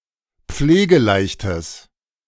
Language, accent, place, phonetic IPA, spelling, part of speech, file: German, Germany, Berlin, [ˈp͡fleːɡəˌlaɪ̯çtəs], pflegeleichtes, adjective, De-pflegeleichtes.ogg
- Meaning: strong/mixed nominative/accusative neuter singular of pflegeleicht